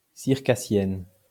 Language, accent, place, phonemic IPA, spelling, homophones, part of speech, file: French, France, Lyon, /siʁ.ka.sjɛn/, circassienne, circassiennes, adjective / noun, LL-Q150 (fra)-circassienne.wav
- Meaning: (adjective) feminine singular of circassien (“Circassian”); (noun) Circassienne; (adjective) feminine singular of circassien (“circus”)